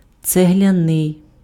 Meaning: 1. brick (attributive), bricken (made of brick) 2. brick-red, brick-coloured
- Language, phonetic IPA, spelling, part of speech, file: Ukrainian, [t͡seɦlʲɐˈnɪi̯], цегляний, adjective, Uk-цегляний.ogg